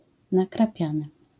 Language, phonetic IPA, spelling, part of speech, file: Polish, [ˌnakraˈpʲjãnɨ], nakrapiany, adjective / verb, LL-Q809 (pol)-nakrapiany.wav